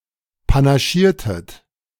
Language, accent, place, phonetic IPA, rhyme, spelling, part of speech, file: German, Germany, Berlin, [panaˈʃiːɐ̯tət], -iːɐ̯tət, panaschiertet, verb, De-panaschiertet.ogg
- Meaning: inflection of panaschieren: 1. second-person plural preterite 2. second-person plural subjunctive II